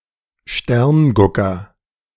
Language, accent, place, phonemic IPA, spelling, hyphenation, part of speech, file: German, Germany, Berlin, /ˈʃtɛʁnˌɡʊkɐ/, Sterngucker, Stern‧gu‧cker, noun, De-Sterngucker.ogg
- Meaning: stargazer, astronomer